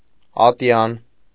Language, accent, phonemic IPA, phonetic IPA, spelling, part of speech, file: Armenian, Eastern Armenian, /ɑˈtjɑn/, [ɑtjɑ́n], ատյան, noun, Hy-ատյան.ogg
- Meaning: 1. place of assembly (hall, square) 2. meeting of an assembly 3. deliberative/consultative body 4. instance